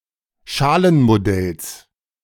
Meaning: genitive singular of Schalenmodell
- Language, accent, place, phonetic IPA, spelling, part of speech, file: German, Germany, Berlin, [ˈʃaːlənmoˌdɛls], Schalenmodells, noun, De-Schalenmodells.ogg